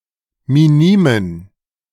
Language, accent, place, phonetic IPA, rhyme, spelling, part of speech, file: German, Germany, Berlin, [miˈniːmən], -iːmən, minimen, adjective, De-minimen.ogg
- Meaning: inflection of minim: 1. strong genitive masculine/neuter singular 2. weak/mixed genitive/dative all-gender singular 3. strong/weak/mixed accusative masculine singular 4. strong dative plural